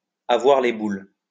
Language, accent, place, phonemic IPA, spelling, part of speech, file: French, France, Lyon, /a.vwaʁ le bul/, avoir les boules, verb, LL-Q150 (fra)-avoir les boules.wav
- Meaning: 1. to have the jitters, to have the willies, to have the heebie-jeebies (to be scared) 2. to be pissed off, to be cheesed off